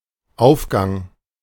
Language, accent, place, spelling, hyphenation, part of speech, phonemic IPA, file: German, Germany, Berlin, Aufgang, Auf‧gang, noun, /ˈaʊ̯fˌɡaŋ/, De-Aufgang.ogg
- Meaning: 1. stairs (going upwards) 2. ascent, rise 3. the east